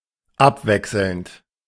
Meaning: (verb) present participle of abwechseln; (adjective) 1. alternate, alternating 2. rotational; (adverb) alternately, on a rotating basis
- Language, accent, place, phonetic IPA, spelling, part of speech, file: German, Germany, Berlin, [ˈapˌvɛksl̩nt], abwechselnd, verb, De-abwechselnd.ogg